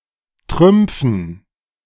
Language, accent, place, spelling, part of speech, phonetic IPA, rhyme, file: German, Germany, Berlin, Trümpfen, noun, [ˈtʁʏmp͡fn̩], -ʏmp͡fn̩, De-Trümpfen.ogg
- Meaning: dative plural of Trumpf